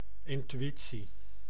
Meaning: intuition
- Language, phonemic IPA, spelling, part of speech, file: Dutch, /ˌɪn.tyˈi.(t)si/, intuïtie, noun, Nl-intuïtie.ogg